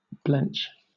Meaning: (verb) 1. To shrink; start back; give way; flinch; turn aside or fly off 2. To quail 3. To deceive; cheat 4. To draw back from; shrink; avoid; elude; deny, as from fear
- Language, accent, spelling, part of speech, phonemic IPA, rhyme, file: English, Southern England, blench, verb / noun, /blɛnt͡ʃ/, -ɛntʃ, LL-Q1860 (eng)-blench.wav